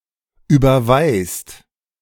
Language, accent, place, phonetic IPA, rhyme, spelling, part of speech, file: German, Germany, Berlin, [ˌyːbɐˈvaɪ̯st], -aɪ̯st, überweist, verb, De-überweist.ogg
- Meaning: inflection of überweisen: 1. second/third-person singular present 2. second-person plural present 3. plural imperative